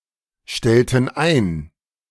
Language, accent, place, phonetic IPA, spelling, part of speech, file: German, Germany, Berlin, [ˌʃtɛltn̩ ˈaɪ̯n], stellten ein, verb, De-stellten ein.ogg
- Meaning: inflection of einstellen: 1. first/third-person plural preterite 2. first/third-person plural subjunctive II